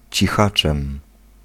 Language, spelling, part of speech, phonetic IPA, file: Polish, cichaczem, adverb, [t͡ɕiˈxat͡ʃɛ̃m], Pl-cichaczem.ogg